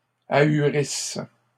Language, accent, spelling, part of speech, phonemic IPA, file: French, Canada, ahurisse, verb, /a.y.ʁis/, LL-Q150 (fra)-ahurisse.wav
- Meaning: inflection of ahurir: 1. first/third-person singular present subjunctive 2. first-person singular imperfect subjunctive